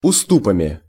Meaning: instrumental plural of усту́п (ustúp)
- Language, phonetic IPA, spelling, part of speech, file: Russian, [ʊˈstupəmʲɪ], уступами, noun, Ru-уступами.ogg